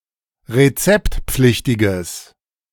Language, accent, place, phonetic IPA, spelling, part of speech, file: German, Germany, Berlin, [ʁeˈt͡sɛptˌp͡flɪçtɪɡəs], rezeptpflichtiges, adjective, De-rezeptpflichtiges.ogg
- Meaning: strong/mixed nominative/accusative neuter singular of rezeptpflichtig